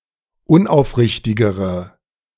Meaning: inflection of unaufrichtig: 1. strong/mixed nominative/accusative feminine singular comparative degree 2. strong nominative/accusative plural comparative degree
- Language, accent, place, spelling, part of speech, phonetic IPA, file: German, Germany, Berlin, unaufrichtigere, adjective, [ˈʊnʔaʊ̯fˌʁɪçtɪɡəʁə], De-unaufrichtigere.ogg